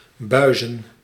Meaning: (verb) 1. to booze, to drink heavily 2. to give a failing grade 3. to get a buis, i.e. a failing grade; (noun) plural of buis
- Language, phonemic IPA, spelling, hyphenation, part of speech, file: Dutch, /ˈbœy̯zə(n)/, buizen, bui‧zen, verb / noun, Nl-buizen.ogg